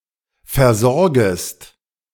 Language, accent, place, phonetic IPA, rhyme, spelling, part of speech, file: German, Germany, Berlin, [fɛɐ̯ˈzɔʁɡəst], -ɔʁɡəst, versorgest, verb, De-versorgest.ogg
- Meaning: second-person singular subjunctive I of versorgen